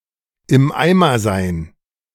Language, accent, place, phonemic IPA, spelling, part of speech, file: German, Germany, Berlin, /ɪm ˈaɪ̯mɐ zaɪ̯n/, im Eimer sein, verb, De-im Eimer sein.ogg
- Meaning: to be ruined